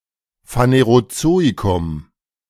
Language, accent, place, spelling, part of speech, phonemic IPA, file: German, Germany, Berlin, Phanerozoikum, proper noun, /faneʁoˈtsoːikʊm/, De-Phanerozoikum.ogg
- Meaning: the Phanerozoic